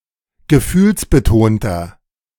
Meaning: 1. comparative degree of gefühlsbetont 2. inflection of gefühlsbetont: strong/mixed nominative masculine singular 3. inflection of gefühlsbetont: strong genitive/dative feminine singular
- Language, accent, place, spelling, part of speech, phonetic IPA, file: German, Germany, Berlin, gefühlsbetonter, adjective, [ɡəˈfyːlsbəˌtoːntɐ], De-gefühlsbetonter.ogg